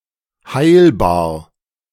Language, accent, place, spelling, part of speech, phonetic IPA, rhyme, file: German, Germany, Berlin, heilbar, adjective, [ˈhaɪ̯lbaːɐ̯], -aɪ̯lbaːɐ̯, De-heilbar.ogg
- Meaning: curable